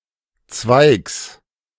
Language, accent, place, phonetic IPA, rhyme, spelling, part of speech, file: German, Germany, Berlin, [t͡svaɪ̯ks], -aɪ̯ks, Zweigs, noun, De-Zweigs.ogg
- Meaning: genitive singular of Zweig